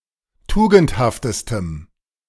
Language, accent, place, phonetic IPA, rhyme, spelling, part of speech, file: German, Germany, Berlin, [ˈtuːɡn̩thaftəstəm], -uːɡn̩thaftəstəm, tugendhaftestem, adjective, De-tugendhaftestem.ogg
- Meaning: strong dative masculine/neuter singular superlative degree of tugendhaft